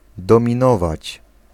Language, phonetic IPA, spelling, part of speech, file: Polish, [ˌdɔ̃mʲĩˈnɔvat͡ɕ], dominować, verb, Pl-dominować.ogg